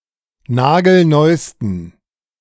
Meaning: 1. superlative degree of nagelneu 2. inflection of nagelneu: strong genitive masculine/neuter singular superlative degree
- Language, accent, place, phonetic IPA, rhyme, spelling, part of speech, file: German, Germany, Berlin, [ˈnaːɡl̩ˈnɔɪ̯stn̩], -ɔɪ̯stn̩, nagelneusten, adjective, De-nagelneusten.ogg